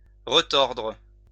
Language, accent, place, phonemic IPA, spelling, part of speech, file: French, France, Lyon, /ʁə.tɔʁdʁ/, retordre, verb, LL-Q150 (fra)-retordre.wav
- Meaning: retwist; to twist again